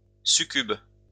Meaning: succubus
- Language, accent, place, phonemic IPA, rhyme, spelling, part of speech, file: French, France, Lyon, /sy.kyb/, -yb, succube, noun, LL-Q150 (fra)-succube.wav